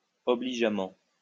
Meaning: obligingly
- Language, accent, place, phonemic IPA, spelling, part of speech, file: French, France, Lyon, /ɔ.bli.ʒa.mɑ̃/, obligeamment, adverb, LL-Q150 (fra)-obligeamment.wav